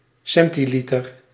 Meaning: centilitre, centiliter
- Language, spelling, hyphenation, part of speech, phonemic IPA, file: Dutch, centiliter, cen‧ti‧li‧ter, noun, /ˈsɛn.tiˌli.tər/, Nl-centiliter.ogg